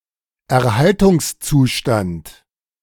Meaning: conservation status, state of preservation
- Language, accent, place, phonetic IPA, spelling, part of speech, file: German, Germany, Berlin, [ɛɐ̯ˈhaltʊŋsˌt͡suːʃtant], Erhaltungszustand, noun, De-Erhaltungszustand.ogg